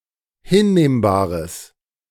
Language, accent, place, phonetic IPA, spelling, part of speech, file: German, Germany, Berlin, [ˈhɪnˌneːmbaːʁəs], hinnehmbares, adjective, De-hinnehmbares.ogg
- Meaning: strong/mixed nominative/accusative neuter singular of hinnehmbar